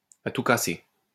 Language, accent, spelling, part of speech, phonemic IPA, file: French, France, à tout casser, adverb, /a tu ka.se/, LL-Q150 (fra)-à tout casser.wav
- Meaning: at most, tops, at the outside